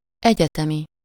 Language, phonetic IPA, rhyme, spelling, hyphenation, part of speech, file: Hungarian, [ˈɛɟɛtɛmi], -mi, egyetemi, egye‧te‧mi, adjective, Hu-egyetemi.ogg
- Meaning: university, academic